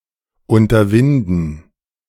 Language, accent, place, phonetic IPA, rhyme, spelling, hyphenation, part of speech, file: German, Germany, Berlin, [ˌʊntɐˈvɪndn̩], -ɪndn̩, unterwinden, un‧ter‧win‧den, verb, De-unterwinden.ogg
- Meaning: to take it upon oneself